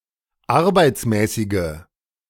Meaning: inflection of arbeitsmäßig: 1. strong/mixed nominative/accusative feminine singular 2. strong nominative/accusative plural 3. weak nominative all-gender singular
- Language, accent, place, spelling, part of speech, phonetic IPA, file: German, Germany, Berlin, arbeitsmäßige, adjective, [ˈaʁbaɪ̯t͡smɛːsɪɡə], De-arbeitsmäßige.ogg